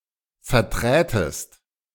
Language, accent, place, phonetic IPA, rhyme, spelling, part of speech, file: German, Germany, Berlin, [fɛɐ̯ˈtʁɛːtəst], -ɛːtəst, verträtest, verb, De-verträtest.ogg
- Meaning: second-person singular subjunctive II of vertreten